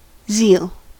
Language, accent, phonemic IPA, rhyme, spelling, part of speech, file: English, US, /zil/, -iːl, zeal, noun, En-us-zeal.ogg
- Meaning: The fervour or tireless devotion for a person, cause, or ideal and determination in its furtherance; diligent enthusiasm; powerful interest